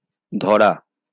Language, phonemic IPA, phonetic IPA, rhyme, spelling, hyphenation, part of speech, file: Bengali, /dʱɔ.ra/, [ˈd̪ʱɔ.ra], -ɔra, ধরা, ধ‧রা, verb / adjective, LL-Q9610 (ben)-ধরা.wav
- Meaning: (verb) 1. to hold 2. to catch 3. to capture, to catch, to apprehend 4. to hold, to be able to contain 5. to touch 6. to answer (the phone) 7. to hold (the phone, line, etc.); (adjective) caught